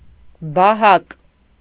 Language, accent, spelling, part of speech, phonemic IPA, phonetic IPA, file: Armenian, Eastern Armenian, բահակ, noun, /bɑˈhɑk/, [bɑhɑ́k], Hy-բահակ.ogg
- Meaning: tongue depressor, spatula